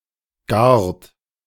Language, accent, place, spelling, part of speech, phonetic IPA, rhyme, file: German, Germany, Berlin, gart, verb, [ɡaːɐ̯t], -aːɐ̯t, De-gart.ogg
- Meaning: inflection of garen: 1. third-person singular present 2. second-person plural present 3. plural imperative